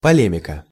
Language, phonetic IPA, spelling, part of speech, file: Russian, [pɐˈlʲemʲɪkə], полемика, noun, Ru-полемика.ogg
- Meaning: 1. polemic, controversy 2. polemics